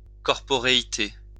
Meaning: corporeality (state of being or having a body)
- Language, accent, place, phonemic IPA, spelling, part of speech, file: French, France, Lyon, /kɔʁ.pɔ.ʁe.i.te/, corporéité, noun, LL-Q150 (fra)-corporéité.wav